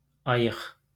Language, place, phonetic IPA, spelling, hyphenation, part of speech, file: Azerbaijani, Baku, [ɑˈjɯχ], ayıq, ay‧ıq, adjective, LL-Q9292 (aze)-ayıq.wav
- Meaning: 1. sober 2. conscious 3. awake 4. vigilant, watchful